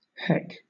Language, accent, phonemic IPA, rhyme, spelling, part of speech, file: English, Southern England, /hɛk/, -ɛk, heck, interjection / noun / verb, LL-Q1860 (eng)-heck.wav
- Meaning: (interjection) Hell; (verb) 1. to break, to destroy 2. to mess up; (noun) 1. The bolt or latch of a door 2. A rack for cattle to feed at 3. A door, especially one partly of latticework